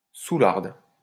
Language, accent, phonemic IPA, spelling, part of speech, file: French, France, /su.laʁd/, soûlarde, noun, LL-Q150 (fra)-soûlarde.wav
- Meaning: female equivalent of soûlard